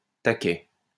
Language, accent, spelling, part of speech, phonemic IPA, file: French, France, taquet, noun, /ta.kɛ/, LL-Q150 (fra)-taquet.wav
- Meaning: 1. small piece of wood or metal used to maintain or fix something 2. cleat 3. A punch, kick, or slap; a whack